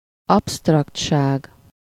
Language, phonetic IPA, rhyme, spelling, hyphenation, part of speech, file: Hungarian, [ˈɒpstrɒktʃaːɡ], -aːɡ, absztraktság, abszt‧rakt‧ság, noun, Hu-absztraktság.ogg
- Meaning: abstractness